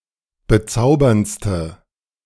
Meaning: inflection of bezaubernd: 1. strong/mixed nominative/accusative feminine singular superlative degree 2. strong nominative/accusative plural superlative degree
- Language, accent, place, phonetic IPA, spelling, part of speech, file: German, Germany, Berlin, [bəˈt͡saʊ̯bɐnt͡stə], bezauberndste, adjective, De-bezauberndste.ogg